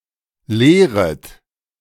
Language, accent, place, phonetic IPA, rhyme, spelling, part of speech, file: German, Germany, Berlin, [ˈleːʁət], -eːʁət, leeret, verb, De-leeret.ogg
- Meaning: second-person plural subjunctive I of leeren